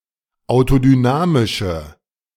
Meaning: inflection of autodynamisch: 1. strong/mixed nominative/accusative feminine singular 2. strong nominative/accusative plural 3. weak nominative all-gender singular
- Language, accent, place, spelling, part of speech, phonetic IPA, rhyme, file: German, Germany, Berlin, autodynamische, adjective, [aʊ̯todyˈnaːmɪʃə], -aːmɪʃə, De-autodynamische.ogg